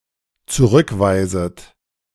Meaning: second-person plural dependent subjunctive I of zurückweisen
- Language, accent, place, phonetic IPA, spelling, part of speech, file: German, Germany, Berlin, [t͡suˈʁʏkˌvaɪ̯zət], zurückweiset, verb, De-zurückweiset.ogg